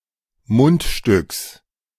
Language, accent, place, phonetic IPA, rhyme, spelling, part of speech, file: German, Germany, Berlin, [ˈmʊntˌʃtʏks], -ʊntʃtʏks, Mundstücks, noun, De-Mundstücks.ogg
- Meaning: genitive singular of Mundstück